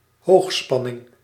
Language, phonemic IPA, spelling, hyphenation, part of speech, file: Dutch, /ˈɦoːxˌspɑ.nɪŋ/, hoogspanning, hoog‧span‧ning, noun, Nl-hoogspanning.ogg
- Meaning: 1. high voltage 2. very high tension or stress